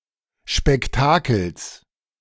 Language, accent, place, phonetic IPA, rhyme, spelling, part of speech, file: German, Germany, Berlin, [ʃpɛkˈtaːkl̩s], -aːkl̩s, Spektakels, noun, De-Spektakels.ogg
- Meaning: genitive of Spektakel